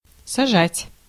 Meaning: 1. to seat, to set 2. to plant 3. to land (an aircraft) 4. to put in jail
- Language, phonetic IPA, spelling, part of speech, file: Russian, [sɐˈʐatʲ], сажать, verb, Ru-сажать.ogg